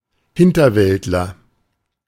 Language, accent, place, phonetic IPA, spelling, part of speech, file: German, Germany, Berlin, [ˈhɪntɐˌvɛltlɐ], Hinterwäldler, noun, De-Hinterwäldler.ogg
- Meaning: backwoodsman, bumpkin, hick, hillbilly, redneck